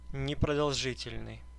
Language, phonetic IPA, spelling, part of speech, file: Russian, [nʲɪprədɐɫˈʐɨtʲɪlʲnɨj], непродолжительный, adjective, Ru-непродолжительный.ogg
- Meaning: brief, short (especially of duration)